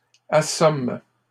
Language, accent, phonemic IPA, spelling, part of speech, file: French, Canada, /a.sɔm/, assomment, verb, LL-Q150 (fra)-assomment.wav
- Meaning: third-person plural present indicative/subjunctive of assommer